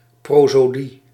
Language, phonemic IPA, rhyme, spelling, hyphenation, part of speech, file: Dutch, /ˌproː.soːˈdi/, -i, prosodie, pro‧so‧die, noun, Nl-prosodie.ogg
- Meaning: prosody (linguistics; poetic metre)